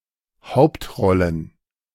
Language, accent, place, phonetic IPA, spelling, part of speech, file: German, Germany, Berlin, [ˈhaʊ̯ptˌʁɔlən], Hauptrollen, noun, De-Hauptrollen.ogg
- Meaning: plural of Hauptrolle